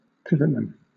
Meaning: 1. A pivot; the soldier around whom a body of troops wheels 2. A player in a central position 3. A central or key person; someone around whom a particular project etc. rotates
- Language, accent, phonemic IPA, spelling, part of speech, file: English, Southern England, /ˈpɪvətman/, pivotman, noun, LL-Q1860 (eng)-pivotman.wav